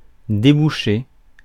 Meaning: 1. to unblock; to clear 2. to uncork (a bottle) 3. to lead (somewhere), to come out (somewhere) 4. to lead (to), to culminate (in)
- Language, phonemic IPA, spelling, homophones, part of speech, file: French, /de.bu.ʃe/, déboucher, débouchai / débouché / débouchée / débouchées / débouchés / débouchez, verb, Fr-déboucher.ogg